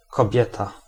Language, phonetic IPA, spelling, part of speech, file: Polish, [kɔˈbʲjɛta], kobieta, noun, Pl-kobieta.ogg